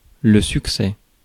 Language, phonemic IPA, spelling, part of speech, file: French, /syk.sɛ/, succès, noun, Fr-succès.ogg
- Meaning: 1. success 2. achievement